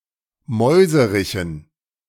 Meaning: dative plural of Mäuserich
- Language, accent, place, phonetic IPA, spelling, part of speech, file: German, Germany, Berlin, [ˈmɔɪ̯zəʁɪçn̩], Mäuserichen, noun, De-Mäuserichen.ogg